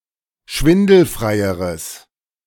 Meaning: strong/mixed nominative/accusative neuter singular comparative degree of schwindelfrei
- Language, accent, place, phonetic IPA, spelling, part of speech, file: German, Germany, Berlin, [ˈʃvɪndl̩fʁaɪ̯əʁəs], schwindelfreieres, adjective, De-schwindelfreieres.ogg